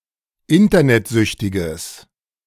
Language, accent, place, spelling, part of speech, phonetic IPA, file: German, Germany, Berlin, internetsüchtiges, adjective, [ˈɪntɐnɛtˌzʏçtɪɡəs], De-internetsüchtiges.ogg
- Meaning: strong/mixed nominative/accusative neuter singular of internetsüchtig